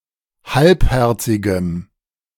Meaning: strong dative masculine/neuter singular of halbherzig
- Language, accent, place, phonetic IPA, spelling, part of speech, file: German, Germany, Berlin, [ˈhalpˌhɛʁt͡sɪɡəm], halbherzigem, adjective, De-halbherzigem.ogg